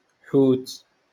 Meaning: fish
- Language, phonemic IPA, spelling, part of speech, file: Moroccan Arabic, /ħuːt/, حوت, noun, LL-Q56426 (ary)-حوت.wav